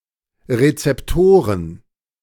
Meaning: plural of Rezeptor
- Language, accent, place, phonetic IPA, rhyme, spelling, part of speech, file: German, Germany, Berlin, [ʁet͡sɛpˈtoːʁən], -oːʁən, Rezeptoren, noun, De-Rezeptoren.ogg